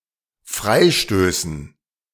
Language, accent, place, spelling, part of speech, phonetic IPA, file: German, Germany, Berlin, Freistößen, noun, [ˈfʁaɪ̯ˌʃtøːsn̩], De-Freistößen.ogg
- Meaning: dative plural of Freistoß